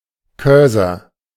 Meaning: 1. cursor (icon of a pointing device) 2. cursor (icon indicating where the next insertion should take place)
- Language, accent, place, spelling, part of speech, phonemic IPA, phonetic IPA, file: German, Germany, Berlin, Cursor, noun, /ˈkœrzər/, [ˈkœɐ̯zɐ], De-Cursor.ogg